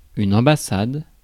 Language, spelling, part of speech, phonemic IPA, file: French, ambassade, noun, /ɑ̃.ba.sad/, Fr-ambassade.ogg
- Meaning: an embassy, diplomatic representation in a foreign state, notably headed by an ambassador